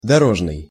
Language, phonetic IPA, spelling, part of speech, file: Russian, [dɐˈroʐnɨj], дорожный, adjective, Ru-дорожный.ogg
- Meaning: road, travelling